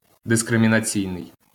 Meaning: discriminatory
- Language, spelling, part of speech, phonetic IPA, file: Ukrainian, дискримінаційний, adjective, [deskremʲinɐˈt͡sʲii̯nei̯], LL-Q8798 (ukr)-дискримінаційний.wav